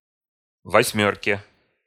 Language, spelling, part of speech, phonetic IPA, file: Russian, восьмёрке, noun, [vɐsʲˈmʲɵrkʲe], Ru-восьмёрке.ogg
- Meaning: dative/prepositional singular of восьмёрка (vosʹmjórka)